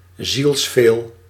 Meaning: intensely, devotedly, with all one's soul
- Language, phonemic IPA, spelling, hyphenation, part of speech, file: Dutch, /zilsˈfeːl/, zielsveel, ziels‧veel, adverb, Nl-zielsveel.ogg